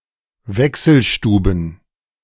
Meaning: plural of Wechselstube
- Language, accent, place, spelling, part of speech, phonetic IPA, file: German, Germany, Berlin, Wechselstuben, noun, [ˈvɛksl̩ˌʃtuːbn̩], De-Wechselstuben.ogg